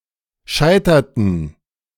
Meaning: inflection of scheitern: 1. first/third-person plural preterite 2. first/third-person plural subjunctive II
- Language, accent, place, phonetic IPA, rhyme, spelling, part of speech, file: German, Germany, Berlin, [ˈʃaɪ̯tɐtn̩], -aɪ̯tɐtn̩, scheiterten, verb, De-scheiterten.ogg